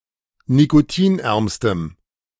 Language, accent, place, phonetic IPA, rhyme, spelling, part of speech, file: German, Germany, Berlin, [nikoˈtiːnˌʔɛʁmstəm], -iːnʔɛʁmstəm, nikotinärmstem, adjective, De-nikotinärmstem.ogg
- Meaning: strong dative masculine/neuter singular superlative degree of nikotinarm